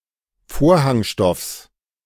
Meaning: genitive singular of Vorhangstoff
- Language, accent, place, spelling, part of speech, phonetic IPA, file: German, Germany, Berlin, Vorhangstoffs, noun, [ˈfoːɐ̯haŋˌʃtɔfs], De-Vorhangstoffs.ogg